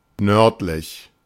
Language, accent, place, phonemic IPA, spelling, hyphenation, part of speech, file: German, Germany, Berlin, /ˈnœʁtlɪç/, nördlich, nörd‧lich, adjective, De-nördlich.ogg
- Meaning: north, northern